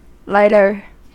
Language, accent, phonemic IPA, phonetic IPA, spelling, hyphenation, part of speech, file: English, US, /ˈlaɪtɚ/, [ˈlaɪɾɚ], lighter, light‧er, noun / verb / adjective, En-us-lighter.ogg
- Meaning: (noun) 1. A person who lights things 2. A device used to light things, especially a reusable handheld device for creating fire to light cigarettes